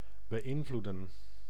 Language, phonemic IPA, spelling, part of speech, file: Dutch, /bəˈɪnvludə(n)/, beïnvloeden, verb, Nl-beïnvloeden.ogg
- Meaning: 1. to influence 2. to manipulate, to interact